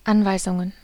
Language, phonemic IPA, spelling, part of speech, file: German, /ˈʔanvaɪ̯zʊŋən/, Anweisungen, noun, De-Anweisungen.ogg
- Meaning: plural of Anweisung